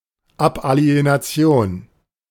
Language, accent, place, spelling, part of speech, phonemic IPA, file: German, Germany, Berlin, Abalienation, noun, /ˌapˌʔali̯enaˈt͡si̯oːn/, De-Abalienation.ogg
- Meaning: 1. abalienation, alienation, estrangement 2. disposal, sale